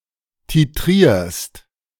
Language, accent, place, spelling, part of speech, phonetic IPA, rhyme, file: German, Germany, Berlin, titrierst, verb, [tiˈtʁiːɐ̯st], -iːɐ̯st, De-titrierst.ogg
- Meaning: second-person singular present of titrieren